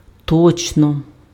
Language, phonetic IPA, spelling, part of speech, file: Ukrainian, [ˈtɔt͡ʃnɔ], точно, adverb, Uk-точно.ogg
- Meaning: exactly, precisely, accurately